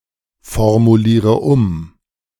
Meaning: inflection of umformulieren: 1. first-person singular present 2. first/third-person singular subjunctive I 3. singular imperative
- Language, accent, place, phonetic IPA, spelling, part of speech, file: German, Germany, Berlin, [fɔʁmuˌliːʁə ˈʊm], formuliere um, verb, De-formuliere um.ogg